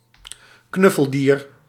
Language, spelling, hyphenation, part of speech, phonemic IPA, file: Dutch, knuffeldier, knuf‧fel‧dier, noun, /ˈknʏ.fəlˌdiːr/, Nl-knuffeldier.ogg
- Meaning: animal doll, stuffed toy animal